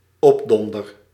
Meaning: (noun) 1. wallop 2. a person of small stature, a pipsqueak; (verb) first-person singular dependent-clause present indicative of opdonderen
- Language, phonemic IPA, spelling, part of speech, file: Dutch, /ˈɔbdɔndər/, opdonder, verb / noun, Nl-opdonder.ogg